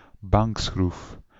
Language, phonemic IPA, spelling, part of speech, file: Dutch, /ˈbɑŋk.sxruf/, bankschroef, noun, Nl-bankschroef.ogg
- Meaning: vice, vise (i.e. a bench vise)